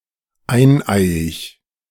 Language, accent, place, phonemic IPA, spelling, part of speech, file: German, Germany, Berlin, /ˈaɪ̯nˌaɪ̯.ɪç/, eineiig, adjective, De-eineiig.ogg
- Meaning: monozygotic, identical (twins)